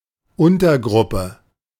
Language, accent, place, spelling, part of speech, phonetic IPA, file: German, Germany, Berlin, Untergruppe, noun, [ˈʊntɐˌɡʁʊpə], De-Untergruppe.ogg
- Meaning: 1. subgroup 2. subset, subdivision 3. subassembly